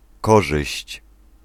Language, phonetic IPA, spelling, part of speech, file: Polish, [ˈkɔʒɨɕt͡ɕ], korzyść, noun, Pl-korzyść.ogg